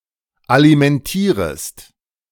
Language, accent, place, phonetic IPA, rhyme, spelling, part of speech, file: German, Germany, Berlin, [alimɛnˈtiːʁəst], -iːʁəst, alimentierest, verb, De-alimentierest.ogg
- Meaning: second-person singular subjunctive I of alimentieren